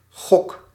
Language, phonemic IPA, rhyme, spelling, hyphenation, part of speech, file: Dutch, /ɣɔk/, -ɔk, gok, gok, noun / verb, Nl-gok.ogg
- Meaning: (noun) 1. gamble, guess 2. hooter, schnozzle (nose, esp. if big); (verb) inflection of gokken: 1. first-person singular present indicative 2. second-person singular present indicative 3. imperative